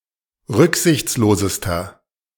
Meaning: inflection of rücksichtslos: 1. strong/mixed nominative masculine singular superlative degree 2. strong genitive/dative feminine singular superlative degree
- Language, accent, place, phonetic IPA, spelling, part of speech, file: German, Germany, Berlin, [ˈʁʏkzɪçt͡sloːzəstɐ], rücksichtslosester, adjective, De-rücksichtslosester.ogg